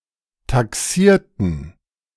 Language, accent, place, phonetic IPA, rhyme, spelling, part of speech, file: German, Germany, Berlin, [taˈksiːɐ̯tn̩], -iːɐ̯tn̩, taxierten, adjective / verb, De-taxierten.ogg
- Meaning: inflection of taxieren: 1. first/third-person plural preterite 2. first/third-person plural subjunctive II